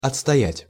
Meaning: 1. to defend, to protect, to hold against enemy attacks 2. to maintain, to assert 3. to desilt 4. to stand (on one's feet) (somewhere) from beginning to end
- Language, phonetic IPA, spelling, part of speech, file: Russian, [ɐt͡sstɐˈjætʲ], отстоять, verb, Ru-отстоять.ogg